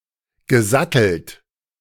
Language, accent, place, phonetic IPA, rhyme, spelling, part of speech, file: German, Germany, Berlin, [ɡəˈzatl̩t], -atl̩t, gesattelt, verb, De-gesattelt.ogg
- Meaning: past participle of satteln